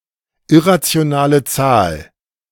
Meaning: irrational number (real number that is not rational)
- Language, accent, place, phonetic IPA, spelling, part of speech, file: German, Germany, Berlin, [ˈɪʁat͡si̯onaːlə ˈt͡saːl], irrationale Zahl, phrase, De-irrationale Zahl.ogg